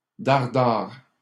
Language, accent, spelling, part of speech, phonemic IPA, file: French, Canada, dare-dare, adverb, /daʁ.daʁ/, LL-Q150 (fra)-dare-dare.wav
- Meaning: double-quick